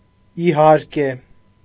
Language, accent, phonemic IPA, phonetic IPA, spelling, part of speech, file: Armenian, Eastern Armenian, /iˈhɑɾke/, [ihɑ́ɾke], իհարկե, adverb, Hy-իհարկե.ogg
- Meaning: of course, certainly, sure